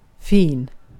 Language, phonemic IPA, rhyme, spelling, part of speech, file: Swedish, /fiːn/, -iːn, fin, adjective, Sv-fin.ogg
- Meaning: 1. nice to look at or listen to or the like, nice, pretty 2. nice, good 3. nice, good: to be (something that would be) nice 4. fine, fancy 5. of high social standing 6. posh (in a ridiculous way)